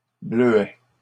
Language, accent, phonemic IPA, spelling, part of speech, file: French, Canada, /blø.ɛ/, bleuets, noun, LL-Q150 (fra)-bleuets.wav
- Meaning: plural of bleuet